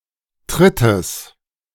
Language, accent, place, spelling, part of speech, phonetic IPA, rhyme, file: German, Germany, Berlin, Trittes, noun, [ˈtʁɪtəs], -ɪtəs, De-Trittes.ogg
- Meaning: genitive singular of Tritt